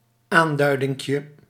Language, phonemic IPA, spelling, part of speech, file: Dutch, /ˈandœydɪŋkjə/, aanduidinkje, noun, Nl-aanduidinkje.ogg
- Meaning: diminutive of aanduiding